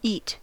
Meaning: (verb) To ingest.: 1. To consume (something solid or semi-solid, usually food) by putting it into the mouth and swallowing it 2. To consume a meal
- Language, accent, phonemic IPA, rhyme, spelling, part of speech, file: English, General American, /it/, -iːt, eat, verb / noun, En-us-eat.ogg